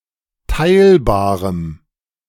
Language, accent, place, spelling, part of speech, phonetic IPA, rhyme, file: German, Germany, Berlin, teilbarem, adjective, [ˈtaɪ̯lbaːʁəm], -aɪ̯lbaːʁəm, De-teilbarem.ogg
- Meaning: strong dative masculine/neuter singular of teilbar